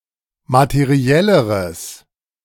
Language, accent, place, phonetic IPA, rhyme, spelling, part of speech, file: German, Germany, Berlin, [matəˈʁi̯ɛləʁəs], -ɛləʁəs, materielleres, adjective, De-materielleres.ogg
- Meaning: strong/mixed nominative/accusative neuter singular comparative degree of materiell